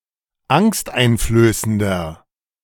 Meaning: 1. comparative degree of angsteinflößend 2. inflection of angsteinflößend: strong/mixed nominative masculine singular 3. inflection of angsteinflößend: strong genitive/dative feminine singular
- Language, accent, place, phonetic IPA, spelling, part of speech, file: German, Germany, Berlin, [ˈaŋstʔaɪ̯nfløːsəndɐ], angsteinflößender, adjective, De-angsteinflößender.ogg